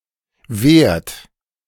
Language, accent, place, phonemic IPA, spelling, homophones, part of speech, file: German, Germany, Berlin, /veːrt/, wehrt, werd / Wert, verb, De-wehrt.ogg
- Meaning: inflection of wehren: 1. second-person plural present 2. third-person singular present 3. plural imperative